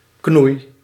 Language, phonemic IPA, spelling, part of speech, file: Dutch, /knuj/, knoei, noun / verb, Nl-knoei.ogg
- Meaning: inflection of knoeien: 1. first-person singular present indicative 2. second-person singular present indicative 3. imperative